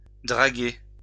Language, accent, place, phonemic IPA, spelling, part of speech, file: French, France, Lyon, /dʁa.ɡe/, draguer, verb, LL-Q150 (fra)-draguer.wav
- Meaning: 1. to dredge (to make a channel wider or deeper) 2. to dredge (to bring something underwater to surface) 3. to chat up (to talk to flirtatiously), to flirt, to hit on somebody